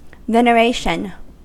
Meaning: 1. The act of venerating or the state of being venerated 2. Profound reverence, respect or awe 3. Religious zeal, idolatry or devotion
- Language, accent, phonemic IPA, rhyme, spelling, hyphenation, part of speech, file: English, US, /ˌvɛnəˈɹeɪʃən/, -eɪʃən, veneration, ven‧e‧ra‧tion, noun, En-us-veneration.ogg